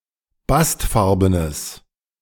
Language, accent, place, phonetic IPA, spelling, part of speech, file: German, Germany, Berlin, [ˈbastˌfaʁbənəs], bastfarbenes, adjective, De-bastfarbenes.ogg
- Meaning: strong/mixed nominative/accusative neuter singular of bastfarben